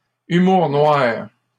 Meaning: black humor
- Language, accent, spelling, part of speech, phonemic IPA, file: French, Canada, humour noir, noun, /y.muʁ nwaʁ/, LL-Q150 (fra)-humour noir.wav